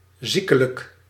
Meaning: morbid, pathological
- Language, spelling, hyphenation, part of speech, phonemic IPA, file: Dutch, ziekelijk, zie‧ke‧lijk, adjective, /ˈzi.kə.lək/, Nl-ziekelijk.ogg